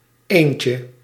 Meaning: 1. diminutive of een 2. diminutive of één
- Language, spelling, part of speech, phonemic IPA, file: Dutch, eentje, noun, /ˈeɲcə/, Nl-eentje.ogg